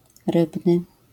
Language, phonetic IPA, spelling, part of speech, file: Polish, [ˈrɨbnɨ], rybny, adjective, LL-Q809 (pol)-rybny.wav